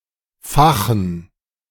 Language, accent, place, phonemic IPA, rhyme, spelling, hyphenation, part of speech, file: German, Germany, Berlin, /ˈfaxən/, -axən, fachen, fa‧chen, verb, De-fachen.ogg
- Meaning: to kindle, ignite